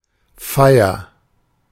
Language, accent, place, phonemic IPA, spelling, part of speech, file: German, Germany, Berlin, /ˈfa̯ɪɐ/, Feier, noun, De-Feier.ogg
- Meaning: 1. celebration 2. party 3. ceremony 4. service 5. observance